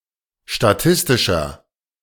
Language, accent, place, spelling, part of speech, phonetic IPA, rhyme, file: German, Germany, Berlin, statistischer, adjective, [ʃtaˈtɪstɪʃɐ], -ɪstɪʃɐ, De-statistischer.ogg
- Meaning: inflection of statistisch: 1. strong/mixed nominative masculine singular 2. strong genitive/dative feminine singular 3. strong genitive plural